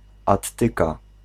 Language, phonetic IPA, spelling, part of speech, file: Polish, [atˈːɨka], attyka, noun, Pl-attyka.ogg